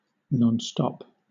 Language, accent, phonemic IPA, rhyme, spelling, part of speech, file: English, Southern England, /ˌnɒnˈstɒp/, -ɒp, nonstop, adjective / adverb / noun, LL-Q1860 (eng)-nonstop.wav
- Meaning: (adjective) 1. Without stopping; without interruption or break 2. Describing a point mutation within a stop codon that causes the continued translation of an mRNA strand